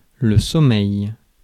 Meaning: 1. sleep 2. sleepiness
- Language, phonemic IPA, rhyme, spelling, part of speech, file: French, /sɔ.mɛj/, -ɛj, sommeil, noun, Fr-sommeil.ogg